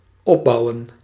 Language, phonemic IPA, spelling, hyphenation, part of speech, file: Dutch, /ˈɔpˌbɑu̯.ə(n)/, opbouwen, op‧bou‧wen, verb, Nl-opbouwen.ogg
- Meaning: 1. to build, to build up 2. to increase, to phase in